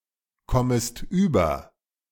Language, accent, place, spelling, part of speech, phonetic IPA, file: German, Germany, Berlin, kommest über, verb, [ˈkɔməst yːbɐ], De-kommest über.ogg
- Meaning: second-person singular subjunctive I of überkommen